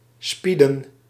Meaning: 1. to watch, to observe 2. to spy on
- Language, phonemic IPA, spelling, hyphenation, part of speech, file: Dutch, /ˈspidə(n)/, spieden, spie‧den, verb, Nl-spieden.ogg